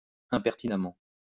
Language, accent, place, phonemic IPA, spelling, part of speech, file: French, France, Lyon, /ɛ̃.pɛʁ.ti.na.mɑ̃/, impertinemment, adverb, LL-Q150 (fra)-impertinemment.wav
- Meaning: impertinently (in a way which is not pertinent, relevant)